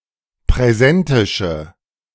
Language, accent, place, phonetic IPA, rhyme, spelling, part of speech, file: German, Germany, Berlin, [pʁɛˈzɛntɪʃə], -ɛntɪʃə, präsentische, adjective, De-präsentische.ogg
- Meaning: inflection of präsentisch: 1. strong/mixed nominative/accusative feminine singular 2. strong nominative/accusative plural 3. weak nominative all-gender singular